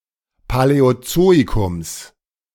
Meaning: genitive singular of Paläozoikum
- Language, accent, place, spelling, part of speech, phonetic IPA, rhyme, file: German, Germany, Berlin, Paläozoikums, noun, [palɛoˈt͡soːikʊms], -oːikʊms, De-Paläozoikums.ogg